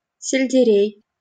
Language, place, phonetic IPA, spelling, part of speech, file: Russian, Saint Petersburg, [sʲɪlʲdʲɪˈrʲej], сельдерей, noun, LL-Q7737 (rus)-сельдерей.wav
- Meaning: celery